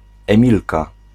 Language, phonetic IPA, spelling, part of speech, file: Polish, [ɛ̃ˈmʲilka], Emilka, proper noun, Pl-Emilka.ogg